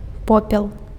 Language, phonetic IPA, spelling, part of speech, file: Belarusian, [ˈpopʲeɫ], попел, noun, Be-попел.ogg
- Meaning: ash